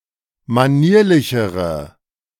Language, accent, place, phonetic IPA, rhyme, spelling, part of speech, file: German, Germany, Berlin, [maˈniːɐ̯lɪçəʁə], -iːɐ̯lɪçəʁə, manierlichere, adjective, De-manierlichere.ogg
- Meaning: inflection of manierlich: 1. strong/mixed nominative/accusative feminine singular comparative degree 2. strong nominative/accusative plural comparative degree